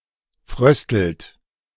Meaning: inflection of frösteln: 1. second-person plural present 2. third-person singular present 3. plural imperative
- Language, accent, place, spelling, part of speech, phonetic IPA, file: German, Germany, Berlin, fröstelt, verb, [ˈfʁœstl̩t], De-fröstelt.ogg